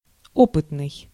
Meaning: 1. experienced 2. experimental
- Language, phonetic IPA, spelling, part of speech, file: Russian, [ˈopɨtnɨj], опытный, adjective, Ru-опытный.ogg